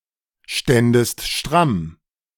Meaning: second-person singular subjunctive II of strammstehen
- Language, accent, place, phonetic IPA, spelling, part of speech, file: German, Germany, Berlin, [ˌʃtɛndəst ˈʃtʁam], ständest stramm, verb, De-ständest stramm.ogg